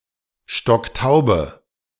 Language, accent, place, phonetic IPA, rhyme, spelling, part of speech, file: German, Germany, Berlin, [ˈʃtɔkˈtaʊ̯bə], -aʊ̯bə, stocktaube, adjective, De-stocktaube.ogg
- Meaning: inflection of stocktaub: 1. strong/mixed nominative/accusative feminine singular 2. strong nominative/accusative plural 3. weak nominative all-gender singular